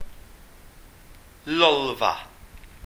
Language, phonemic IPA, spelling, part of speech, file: Welsh, /ˈlɔlva/, lolfa, noun, Cy-lolfa.ogg
- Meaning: lounge, living room, sitting room